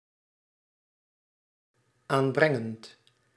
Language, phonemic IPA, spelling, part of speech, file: Dutch, /ˈambrɛŋənt/, aanbrengend, verb, Nl-aanbrengend.ogg
- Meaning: present participle of aanbrengen